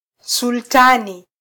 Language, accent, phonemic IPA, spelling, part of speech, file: Swahili, Kenya, /sulˈtɑ.ni/, sultani, noun, Sw-ke-sultani.flac
- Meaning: sultan